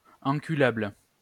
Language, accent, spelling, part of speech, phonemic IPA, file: French, France, enculable, adjective, /ɑ̃.ky.labl/, LL-Q150 (fra)-enculable.wav
- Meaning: fuckable, buttfuckable